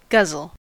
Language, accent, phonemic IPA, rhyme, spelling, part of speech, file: English, US, /ˈɡʌzəl/, -ʌzəl, guzzle, verb / noun, En-us-guzzle.ogg
- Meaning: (verb) 1. To drink or eat quickly, voraciously, or to excess; to gulp down; to swallow greedily, continually, or with gusto 2. To consume alcoholic beverages, especially frequently or habitually